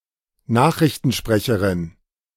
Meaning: a female newscaster
- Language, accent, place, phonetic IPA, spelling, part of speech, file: German, Germany, Berlin, [ˈnaːxʁɪçtn̩ˌʃpʁɛçəʁɪn], Nachrichtensprecherin, noun, De-Nachrichtensprecherin.ogg